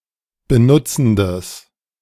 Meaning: strong/mixed nominative/accusative neuter singular of benutzend
- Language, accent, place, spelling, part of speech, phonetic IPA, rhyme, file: German, Germany, Berlin, benutzendes, adjective, [bəˈnʊt͡sn̩dəs], -ʊt͡sn̩dəs, De-benutzendes.ogg